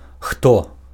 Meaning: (conjunction) who; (pronoun) 1. who (relative pronoun) 2. who (interrogative pronoun)
- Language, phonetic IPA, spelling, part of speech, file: Belarusian, [xto], хто, conjunction / pronoun, Be-хто.ogg